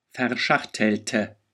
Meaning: inflection of verschachteln: 1. first/third-person singular preterite 2. first/third-person singular subjunctive II
- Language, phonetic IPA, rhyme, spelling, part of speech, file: German, [fɛɐ̯ˈʃaxtl̩tə], -axtl̩tə, verschachtelte, adjective / verb, De-verschachtelte.ogg